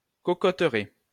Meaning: coconut tree plantation
- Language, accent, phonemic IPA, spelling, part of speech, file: French, France, /ko.ko.tʁɛ/, cocoteraie, noun, LL-Q150 (fra)-cocoteraie.wav